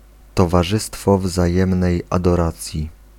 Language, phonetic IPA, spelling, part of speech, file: Polish, [ˌtɔvaˈʒɨstfɔ vzaˈjɛ̃mnɛj ˌadɔˈrat͡sʲji], towarzystwo wzajemnej adoracji, phrase, Pl-towarzystwo wzajemnej adoracji.ogg